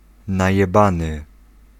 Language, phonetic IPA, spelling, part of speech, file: Polish, [ˌnajɛˈbãnɨ], najebany, adjective / verb, Pl-najebany.ogg